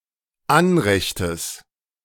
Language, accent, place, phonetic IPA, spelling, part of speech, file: German, Germany, Berlin, [ˈanʁɛçtəs], Anrechtes, noun, De-Anrechtes.ogg
- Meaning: genitive singular of Anrecht